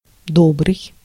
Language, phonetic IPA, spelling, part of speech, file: Russian, [ˈdobrɨj], добрый, adjective, Ru-добрый.ogg
- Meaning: 1. good 2. benevolent, kind, kindly, good-hearted, kindhearted 3. pure, honest 4. good, solid